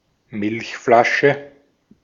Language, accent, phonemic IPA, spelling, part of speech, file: German, Austria, /ˈmɪlçflaʃə/, Milchflasche, noun, De-at-Milchflasche.ogg
- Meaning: milk bottle